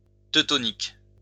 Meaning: Teutonic
- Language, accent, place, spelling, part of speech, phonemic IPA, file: French, France, Lyon, teutonique, adjective, /tø.tɔ.nik/, LL-Q150 (fra)-teutonique.wav